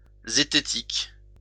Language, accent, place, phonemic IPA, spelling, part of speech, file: French, France, Lyon, /ze.te.tik/, zététique, adjective, LL-Q150 (fra)-zététique.wav
- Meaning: zetetic (proceed by inquiry)